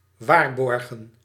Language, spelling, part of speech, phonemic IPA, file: Dutch, waarborgen, verb, /ˈʋaːrbɔrɣə(n)/, Nl-waarborgen.ogg
- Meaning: to ensure, guarantee